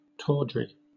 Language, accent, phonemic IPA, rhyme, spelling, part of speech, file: English, Southern England, /ˈtɔːdɹi/, -ɔːdɹi, tawdry, noun / adjective, LL-Q1860 (eng)-tawdry.wav
- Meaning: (noun) 1. Tawdry lace 2. Anything gaudy and cheap; pretentious finery; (adjective) Of clothing, appearance, etc., cheap and gaudy; showy